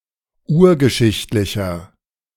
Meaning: inflection of urgeschichtlich: 1. strong/mixed nominative masculine singular 2. strong genitive/dative feminine singular 3. strong genitive plural
- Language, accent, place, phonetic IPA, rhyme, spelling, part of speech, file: German, Germany, Berlin, [ˈuːɐ̯ɡəˌʃɪçtlɪçɐ], -uːɐ̯ɡəʃɪçtlɪçɐ, urgeschichtlicher, adjective, De-urgeschichtlicher.ogg